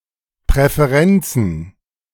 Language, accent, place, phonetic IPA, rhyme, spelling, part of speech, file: German, Germany, Berlin, [pʁɛfeˈʁɛnt͡sn̩], -ɛnt͡sn̩, Präferenzen, noun, De-Präferenzen.ogg
- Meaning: plural of Präferenz